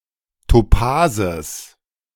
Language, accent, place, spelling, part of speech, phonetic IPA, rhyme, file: German, Germany, Berlin, Topases, noun, [toˈpaːzəs], -aːzəs, De-Topases.ogg
- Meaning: genitive singular of Topas